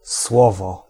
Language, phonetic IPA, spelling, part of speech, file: Polish, [ˈswɔvɔ], słowo, noun, Pl-słowo.ogg